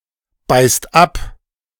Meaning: inflection of abbeißen: 1. second/third-person singular present 2. second-person plural present 3. plural imperative
- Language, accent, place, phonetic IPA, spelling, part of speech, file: German, Germany, Berlin, [ˌbaɪ̯st ˈap], beißt ab, verb, De-beißt ab.ogg